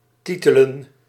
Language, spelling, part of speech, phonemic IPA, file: Dutch, titelen, verb, /ˈtitələ(n)/, Nl-titelen.ogg
- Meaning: to title, to name